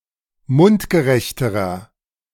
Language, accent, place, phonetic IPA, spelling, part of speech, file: German, Germany, Berlin, [ˈmʊntɡəˌʁɛçtəʁɐ], mundgerechterer, adjective, De-mundgerechterer.ogg
- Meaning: inflection of mundgerecht: 1. strong/mixed nominative masculine singular comparative degree 2. strong genitive/dative feminine singular comparative degree 3. strong genitive plural comparative degree